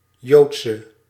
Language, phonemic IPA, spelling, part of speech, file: Dutch, /ˈjotsə/, Joodse, adjective, Nl-Joodse.ogg
- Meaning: inflection of Joods: 1. masculine/feminine singular attributive 2. definite neuter singular attributive 3. plural attributive